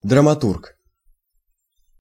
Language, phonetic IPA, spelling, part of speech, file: Russian, [drəmɐˈturk], драматург, noun, Ru-драматург.ogg
- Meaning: playwright, dramatist, dramaturge